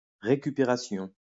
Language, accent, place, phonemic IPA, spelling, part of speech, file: French, France, Lyon, /ʁe.ky.pe.ʁa.sjɔ̃/, récupération, noun, LL-Q150 (fra)-récupération.wav
- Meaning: 1. recovery 2. retrieval 3. cooptation, recuperation